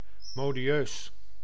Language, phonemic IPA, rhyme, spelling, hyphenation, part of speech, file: Dutch, /ˌmoː.diˈøːs/, -øːs, modieus, mo‧di‧eus, adjective, Nl-modieus.ogg
- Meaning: 1. genteel (stylish, elegant) 2. fashionable (characteristic of or influenced by a current popular trend or style)